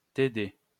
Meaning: (initialism of travaux dirigés; tutorials
- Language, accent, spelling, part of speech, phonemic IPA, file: French, France, TD, noun, /te.de/, LL-Q150 (fra)-TD.wav